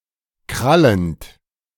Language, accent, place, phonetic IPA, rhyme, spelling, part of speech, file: German, Germany, Berlin, [ˈkʁalənt], -alənt, krallend, verb, De-krallend.ogg
- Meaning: present participle of krallen